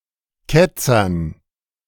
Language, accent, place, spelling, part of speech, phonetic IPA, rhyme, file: German, Germany, Berlin, Ketzern, noun, [ˈkɛt͡sɐn], -ɛt͡sɐn, De-Ketzern.ogg
- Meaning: dative plural of Ketzer